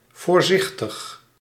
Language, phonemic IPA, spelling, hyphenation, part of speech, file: Dutch, /ˌvoːrˈzɪx.təx/, voorzichtig, voor‧zich‧tig, adjective, Nl-voorzichtig.ogg
- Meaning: careful